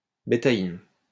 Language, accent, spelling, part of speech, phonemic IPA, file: French, France, bétaïne, noun, /be.ta.in/, LL-Q150 (fra)-bétaïne.wav
- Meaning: betaine